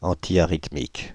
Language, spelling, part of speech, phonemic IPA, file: French, antiarythmique, adjective, /ɑ̃.ti.a.ʁit.mik/, Fr-antiarythmique.ogg
- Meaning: antiarrhythmic